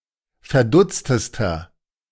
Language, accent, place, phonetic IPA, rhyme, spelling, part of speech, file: German, Germany, Berlin, [fɛɐ̯ˈdʊt͡stəstɐ], -ʊt͡stəstɐ, verdutztester, adjective, De-verdutztester.ogg
- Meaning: inflection of verdutzt: 1. strong/mixed nominative masculine singular superlative degree 2. strong genitive/dative feminine singular superlative degree 3. strong genitive plural superlative degree